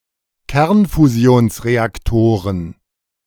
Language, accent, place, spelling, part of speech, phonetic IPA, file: German, Germany, Berlin, Kernfusionsreaktoren, noun, [ˈkɛʁnfuzi̯oːnsʁeakˌtoːʁən], De-Kernfusionsreaktoren.ogg
- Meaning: plural of Kernfusionsreaktor